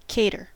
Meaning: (verb) 1. To provide, particularly 2. To provide: To provide with food, especially for a special occasion as a professional service
- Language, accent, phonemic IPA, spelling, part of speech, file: English, US, /ˈkeɪɾɚ/, cater, verb / noun, En-us-cater.ogg